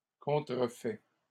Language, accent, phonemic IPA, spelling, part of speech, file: French, Canada, /kɔ̃.tʁə.fɛ/, contrefais, verb, LL-Q150 (fra)-contrefais.wav
- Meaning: inflection of contrefaire: 1. first/second-person singular present indicative 2. second-person singular imperative